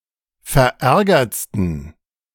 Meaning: 1. superlative degree of verärgert 2. inflection of verärgert: strong genitive masculine/neuter singular superlative degree
- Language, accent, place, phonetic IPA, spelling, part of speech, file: German, Germany, Berlin, [fɛɐ̯ˈʔɛʁɡɐt͡stn̩], verärgertsten, adjective, De-verärgertsten.ogg